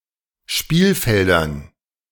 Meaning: dative plural of Spielfeld
- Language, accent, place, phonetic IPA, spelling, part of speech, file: German, Germany, Berlin, [ˈʃpiːlˌfɛldɐn], Spielfeldern, noun, De-Spielfeldern.ogg